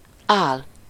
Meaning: false, fake, sham, phoney, make-believe, bogus, pseudo-, counterfeit
- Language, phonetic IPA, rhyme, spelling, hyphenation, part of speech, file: Hungarian, [ˈaːl], -aːl, ál, ál, adjective, Hu-ál.ogg